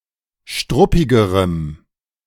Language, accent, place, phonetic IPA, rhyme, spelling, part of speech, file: German, Germany, Berlin, [ˈʃtʁʊpɪɡəʁəm], -ʊpɪɡəʁəm, struppigerem, adjective, De-struppigerem.ogg
- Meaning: strong dative masculine/neuter singular comparative degree of struppig